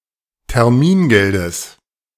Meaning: genitive of Termingeld
- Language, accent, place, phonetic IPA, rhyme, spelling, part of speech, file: German, Germany, Berlin, [tɛʁˈmiːnˌɡɛldəs], -iːnɡɛldəs, Termingeldes, noun, De-Termingeldes.ogg